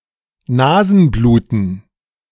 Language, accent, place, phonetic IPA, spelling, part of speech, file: German, Germany, Berlin, [ˈnaːzn̩ˌbluːtn̩], Nasenbluten, noun, De-Nasenbluten.ogg
- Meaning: nosebleed